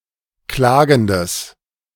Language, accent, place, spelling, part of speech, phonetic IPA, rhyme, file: German, Germany, Berlin, klagendes, adjective, [ˈklaːɡn̩dəs], -aːɡn̩dəs, De-klagendes.ogg
- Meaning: strong/mixed nominative/accusative neuter singular of klagend